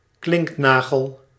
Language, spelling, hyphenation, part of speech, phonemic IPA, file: Dutch, klinknagel, klink‧na‧gel, noun, /ˈklɪŋkˌnaː.ɣəl/, Nl-klinknagel.ogg
- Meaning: a rivet